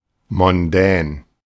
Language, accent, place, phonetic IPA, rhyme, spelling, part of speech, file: German, Germany, Berlin, [mɔnˈdɛːn], -ɛːn, mondän, adjective, De-mondän.ogg
- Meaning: elegant, posh, glamorous, fashionable